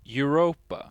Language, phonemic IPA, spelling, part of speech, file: English, /jʊˈɹoʊpə/, Europa, proper noun, En-Europa.ogg
- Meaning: 1. Several characters, most notably a Phoenician princess abducted to Crete by Zeus 2. A moon in Jupiter 3. 52 Europa, a main belt asteroid; not to be confused with the Jovian moon